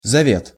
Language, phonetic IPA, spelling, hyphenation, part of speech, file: Russian, [zɐˈvʲet], завет, за‧вет, noun, Ru-завет.ogg
- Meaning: 1. legacy 2. precept, maxim 3. covenant, testament